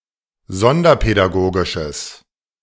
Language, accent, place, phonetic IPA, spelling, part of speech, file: German, Germany, Berlin, [ˈzɔndɐpɛdaˌɡoːɡɪʃəs], sonderpädagogisches, adjective, De-sonderpädagogisches.ogg
- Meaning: strong/mixed nominative/accusative neuter singular of sonderpädagogisch